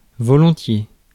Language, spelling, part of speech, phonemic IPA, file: French, volontiers, adverb, /vɔ.lɔ̃.tje/, Fr-volontiers.ogg
- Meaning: willingly; gladly; with pleasure